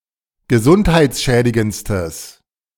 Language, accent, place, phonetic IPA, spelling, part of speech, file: German, Germany, Berlin, [ɡəˈzʊnthaɪ̯t͡sˌʃɛːdɪɡənt͡stəs], gesundheitsschädigendstes, adjective, De-gesundheitsschädigendstes.ogg
- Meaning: strong/mixed nominative/accusative neuter singular superlative degree of gesundheitsschädigend